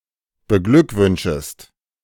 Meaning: second-person singular subjunctive I of beglückwünschen
- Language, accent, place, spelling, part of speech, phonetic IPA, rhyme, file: German, Germany, Berlin, beglückwünschest, verb, [bəˈɡlʏkˌvʏnʃəst], -ʏkvʏnʃəst, De-beglückwünschest.ogg